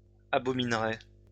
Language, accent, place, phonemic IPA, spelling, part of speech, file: French, France, Lyon, /a.bɔ.min.ʁe/, abominerai, verb, LL-Q150 (fra)-abominerai.wav
- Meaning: first-person singular simple future of abominer